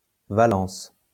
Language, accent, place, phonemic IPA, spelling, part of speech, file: French, France, Lyon, /va.lɑ̃s/, valence, noun, LL-Q150 (fra)-valence.wav
- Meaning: 1. valence 2. valency